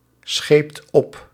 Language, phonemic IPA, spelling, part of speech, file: Dutch, /ˈsxept ˈɔp/, scheept op, verb, Nl-scheept op.ogg
- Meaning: inflection of opschepen: 1. second/third-person singular present indicative 2. plural imperative